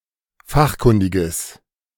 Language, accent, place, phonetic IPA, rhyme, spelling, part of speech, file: German, Germany, Berlin, [ˈfaxˌkʊndɪɡəs], -axkʊndɪɡəs, fachkundiges, adjective, De-fachkundiges.ogg
- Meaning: strong/mixed nominative/accusative neuter singular of fachkundig